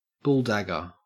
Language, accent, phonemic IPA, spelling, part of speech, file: English, Australia, /ˈbʊlˌdæɡəɹ/, bulldagger, noun, En-au-bulldagger.ogg
- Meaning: A masculine or butch lesbian; a bulldyke